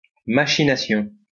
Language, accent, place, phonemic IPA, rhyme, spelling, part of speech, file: French, France, Lyon, /ma.ʃi.na.sjɔ̃/, -ɔ̃, machination, noun, LL-Q150 (fra)-machination.wav
- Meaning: machination, intrigue (undercover or underhanded plot or scheme)